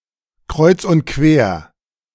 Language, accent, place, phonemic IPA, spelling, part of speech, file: German, Germany, Berlin, /ˌkʁɔʏ̯t͡s ʊnt ˈkveːɐ̯/, kreuz und quer, adverb, De-kreuz und quer.ogg
- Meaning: crisscross, zigzag